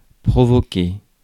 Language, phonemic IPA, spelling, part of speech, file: French, /pʁɔ.vɔ.ke/, provoquer, verb, Fr-provoquer.ogg
- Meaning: to provoke, bring on, bring about